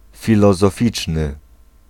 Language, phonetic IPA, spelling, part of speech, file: Polish, [ˌfʲilɔzɔˈfʲit͡ʃnɨ], filozoficzny, adjective, Pl-filozoficzny.ogg